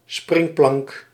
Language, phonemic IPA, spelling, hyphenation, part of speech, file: Dutch, /ˈsprɪŋ.plɑŋk/, springplank, spring‧plank, noun, Nl-springplank.ogg
- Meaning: 1. springboard 2. something that serves as a medium for someone to achieve a higher goal; a bootstrap